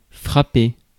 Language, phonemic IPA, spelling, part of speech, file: French, /fʁa.pe/, frapper, verb, Fr-frapper.ogg
- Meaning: 1. to hit, to strike, to bash 2. to knock (e.g. on a door) 3. to bang (to get attention) 4. to beat time (as a conductor) 5. to strike (a chord) 6. to strike down 7. to hit (to affect by a punishment)